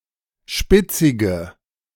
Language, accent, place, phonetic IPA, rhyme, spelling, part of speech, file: German, Germany, Berlin, [ˈʃpɪt͡sɪɡə], -ɪt͡sɪɡə, spitzige, adjective, De-spitzige.ogg
- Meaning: inflection of spitzig: 1. strong/mixed nominative/accusative feminine singular 2. strong nominative/accusative plural 3. weak nominative all-gender singular 4. weak accusative feminine/neuter singular